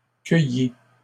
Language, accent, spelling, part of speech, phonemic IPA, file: French, Canada, cueillie, verb, /kœ.ji/, LL-Q150 (fra)-cueillie.wav
- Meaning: feminine singular of cueilli